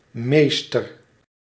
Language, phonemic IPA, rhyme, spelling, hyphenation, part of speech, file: Dutch, /ˈmeːstər/, -eːstər, meester, mees‧ter, noun, Nl-meester.ogg
- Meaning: 1. a master, boss, superior 2. a schoolteacher, notably in primary education 3. a manager, person put in charge of something 4. an expert or champion in something